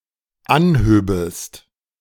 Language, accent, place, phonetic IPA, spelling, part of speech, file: German, Germany, Berlin, [ˈanˌhøːbəst], anhöbest, verb, De-anhöbest.ogg
- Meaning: second-person singular dependent subjunctive II of anheben